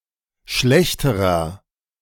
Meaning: inflection of schlecht: 1. strong/mixed nominative masculine singular comparative degree 2. strong genitive/dative feminine singular comparative degree 3. strong genitive plural comparative degree
- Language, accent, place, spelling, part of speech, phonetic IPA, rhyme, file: German, Germany, Berlin, schlechterer, adjective, [ˈʃlɛçtəʁɐ], -ɛçtəʁɐ, De-schlechterer.ogg